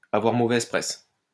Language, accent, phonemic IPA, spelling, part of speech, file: French, France, /a.vwaʁ mo.vɛz pʁɛs/, avoir mauvaise presse, verb, LL-Q150 (fra)-avoir mauvaise presse.wav
- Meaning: to have a bad reputation, to get a bad press, to be poorly thought of